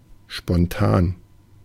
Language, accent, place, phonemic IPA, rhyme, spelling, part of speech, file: German, Germany, Berlin, /ʃpɔnˈtaːn/, -aːn, spontan, adjective, De-spontan.ogg
- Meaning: 1. spontaneous 2. ad hoc